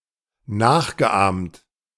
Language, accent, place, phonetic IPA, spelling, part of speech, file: German, Germany, Berlin, [ˈnaːxɡəˌʔaːmt], nachgeahmt, verb, De-nachgeahmt.ogg
- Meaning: past participle of nachahmen